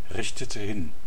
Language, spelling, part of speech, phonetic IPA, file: German, richtete hin, verb, [ˌʁɪçtətə ˈhɪn], DE-richtete hin.ogg
- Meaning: inflection of hinrichten: 1. first/third-person singular preterite 2. first/third-person singular subjunctive II